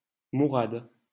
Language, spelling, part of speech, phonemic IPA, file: French, Mourad, proper noun, /mu.ʁad/, LL-Q150 (fra)-Mourad.wav
- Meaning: a male given name from Arabic